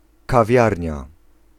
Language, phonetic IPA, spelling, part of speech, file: Polish, [kaˈvʲjarʲɲa], kawiarnia, noun, Pl-kawiarnia.ogg